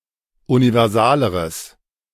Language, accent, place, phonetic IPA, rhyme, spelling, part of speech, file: German, Germany, Berlin, [univɛʁˈzaːləʁəs], -aːləʁəs, universaleres, adjective, De-universaleres.ogg
- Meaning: strong/mixed nominative/accusative neuter singular comparative degree of universal